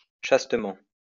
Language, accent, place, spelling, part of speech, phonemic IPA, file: French, France, Lyon, chastement, adverb, /ʃas.tə.mɑ̃/, LL-Q150 (fra)-chastement.wav
- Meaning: chastely